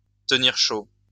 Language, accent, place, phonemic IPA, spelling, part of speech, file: French, France, Lyon, /tə.niʁ ʃo/, tenir chaud, verb, LL-Q150 (fra)-tenir chaud.wav
- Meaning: to keep (someone) warm